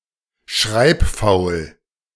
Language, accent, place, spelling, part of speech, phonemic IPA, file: German, Germany, Berlin, schreibfaul, adjective, /ˈʃʁaɪ̯pˌfaʊ̯l/, De-schreibfaul.ogg
- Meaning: lazy in writing letters (or in replying to them)